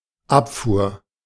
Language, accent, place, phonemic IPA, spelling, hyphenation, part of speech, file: German, Germany, Berlin, /ˈapˌfuːɐ̯/, Abfuhr, Ab‧fuhr, noun, De-Abfuhr.ogg
- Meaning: 1. removal 2. rebuff